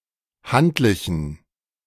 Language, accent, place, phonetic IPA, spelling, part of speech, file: German, Germany, Berlin, [ˈhantlɪçn̩], handlichen, adjective, De-handlichen.ogg
- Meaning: inflection of handlich: 1. strong genitive masculine/neuter singular 2. weak/mixed genitive/dative all-gender singular 3. strong/weak/mixed accusative masculine singular 4. strong dative plural